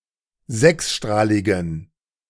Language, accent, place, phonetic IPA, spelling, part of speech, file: German, Germany, Berlin, [ˈzɛksˌʃtʁaːlɪɡn̩], sechsstrahligen, adjective, De-sechsstrahligen.ogg
- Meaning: inflection of sechsstrahlig: 1. strong genitive masculine/neuter singular 2. weak/mixed genitive/dative all-gender singular 3. strong/weak/mixed accusative masculine singular 4. strong dative plural